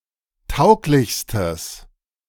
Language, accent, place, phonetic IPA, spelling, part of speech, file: German, Germany, Berlin, [ˈtaʊ̯klɪçstəs], tauglichstes, adjective, De-tauglichstes.ogg
- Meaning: strong/mixed nominative/accusative neuter singular superlative degree of tauglich